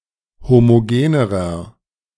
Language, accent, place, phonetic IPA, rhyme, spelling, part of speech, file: German, Germany, Berlin, [ˌhomoˈɡeːnəʁɐ], -eːnəʁɐ, homogenerer, adjective, De-homogenerer.ogg
- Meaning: inflection of homogen: 1. strong/mixed nominative masculine singular comparative degree 2. strong genitive/dative feminine singular comparative degree 3. strong genitive plural comparative degree